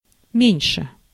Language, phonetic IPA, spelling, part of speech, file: Russian, [ˈmʲenʲʂɨ], меньше, adjective / adverb, Ru-меньше.ogg
- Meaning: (adjective) comparative degree of ма́ленький (málenʹkij); comparative degree of ма́лый (mályj): less (to smaller extent), smaller, fewer